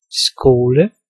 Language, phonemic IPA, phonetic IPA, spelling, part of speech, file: Danish, /skoːlə/, [ˈsɡ̊oːlə], skole, noun / verb, Da-skole.ogg
- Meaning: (noun) school; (verb) to school, train